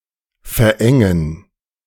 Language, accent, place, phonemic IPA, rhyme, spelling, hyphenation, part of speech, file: German, Germany, Berlin, /fɛʁˈʔɛŋən/, -ɛŋən, verengen, ver‧en‧gen, verb, De-verengen.ogg
- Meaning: 1. to constrict, to make narrower 2. to take in (clothing) 3. to narrow, to contract